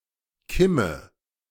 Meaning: 1. a notch, particularly in the sight of a firearm 2. crack (space between the buttocks)
- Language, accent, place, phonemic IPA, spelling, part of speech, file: German, Germany, Berlin, /ˈkɪmə/, Kimme, noun, De-Kimme.ogg